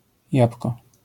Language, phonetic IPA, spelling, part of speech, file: Polish, [ˈjap.w̥kɔ], jabłko, noun, LL-Q809 (pol)-jabłko.wav